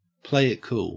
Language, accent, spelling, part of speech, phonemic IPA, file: English, Australia, play it cool, verb, /pleɪ ɪ(t)kul/, En-au-play it cool.ogg
- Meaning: to act cool